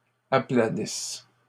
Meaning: second-person singular present/imperfect subjunctive of aplanir
- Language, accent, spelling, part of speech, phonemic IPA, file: French, Canada, aplanisses, verb, /a.pla.nis/, LL-Q150 (fra)-aplanisses.wav